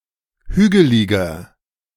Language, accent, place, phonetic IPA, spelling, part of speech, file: German, Germany, Berlin, [ˈhyːɡəlɪɡɐ], hügeliger, adjective, De-hügeliger.ogg
- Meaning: 1. comparative degree of hügelig 2. inflection of hügelig: strong/mixed nominative masculine singular 3. inflection of hügelig: strong genitive/dative feminine singular